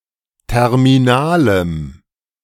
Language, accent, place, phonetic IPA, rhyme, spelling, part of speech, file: German, Germany, Berlin, [ˌtɛʁmiˈnaːləm], -aːləm, terminalem, adjective, De-terminalem.ogg
- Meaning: strong dative masculine/neuter singular of terminal